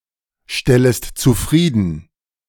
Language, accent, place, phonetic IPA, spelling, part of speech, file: German, Germany, Berlin, [ˌʃtɛləst t͡suˈfʁiːdn̩], stellest zufrieden, verb, De-stellest zufrieden.ogg
- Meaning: second-person singular subjunctive I of zufriedenstellen